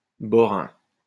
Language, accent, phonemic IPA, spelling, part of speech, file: French, France, /bɔ.ʁɛ̃/, borain, adjective, LL-Q150 (fra)-borain.wav
- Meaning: of Borinage